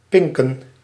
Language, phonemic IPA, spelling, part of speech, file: Dutch, /ˈpɪŋkən)/, pinken, noun / verb, Nl-pinken.ogg
- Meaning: plural of pink